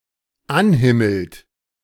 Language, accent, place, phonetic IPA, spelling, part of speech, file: German, Germany, Berlin, [ˈanˌhɪml̩t], anhimmelt, verb, De-anhimmelt.ogg
- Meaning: inflection of anhimmeln: 1. third-person singular dependent present 2. second-person plural dependent present